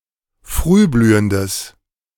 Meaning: strong/mixed nominative/accusative neuter singular of frühblühend
- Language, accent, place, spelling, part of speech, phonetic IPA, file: German, Germany, Berlin, frühblühendes, adjective, [ˈfʁyːˌblyːəndəs], De-frühblühendes.ogg